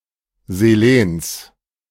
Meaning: genitive singular of Selen
- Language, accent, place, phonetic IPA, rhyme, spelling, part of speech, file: German, Germany, Berlin, [zeˈleːns], -eːns, Selens, noun, De-Selens.ogg